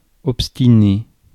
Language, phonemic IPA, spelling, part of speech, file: French, /ɔp.sti.ne/, obstiné, adjective / noun / verb, Fr-obstiné.ogg
- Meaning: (adjective) obstinate, stubborn (adhering to an opinion, purpose, or course, usually unreasonably); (noun) obstinate person; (verb) past participle of obstiner